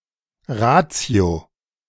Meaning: reason (capacity of rational thinking)
- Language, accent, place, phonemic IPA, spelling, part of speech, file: German, Germany, Berlin, /ˈʁaːtsjo/, Ratio, noun, De-Ratio.ogg